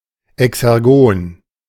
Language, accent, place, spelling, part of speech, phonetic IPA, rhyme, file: German, Germany, Berlin, exergon, adjective, [ɛksɛʁˈɡoːn], -oːn, De-exergon.ogg
- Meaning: exergonic